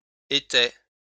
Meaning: third-person plural imperfect indicative of être
- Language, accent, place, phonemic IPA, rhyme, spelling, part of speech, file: French, France, Lyon, /e.tɛ/, -ɛ, étaient, verb, LL-Q150 (fra)-étaient.wav